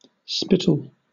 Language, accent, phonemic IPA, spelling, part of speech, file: English, Southern England, /ˈspɪ.t(ə)l/, spittle, noun / verb, LL-Q1860 (eng)-spittle.wav
- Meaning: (noun) 1. Spit, usually frothy and of a milky coloration 2. Something frothy and white that resembles spit 3. Spit-up or drool of an infant 4. Alternative form of spital 5. A small sort of spade